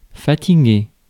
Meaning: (verb) past participle of fatiguer; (adjective) tired
- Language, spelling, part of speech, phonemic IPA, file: French, fatigué, verb / adjective, /fa.ti.ɡe/, Fr-fatigué.ogg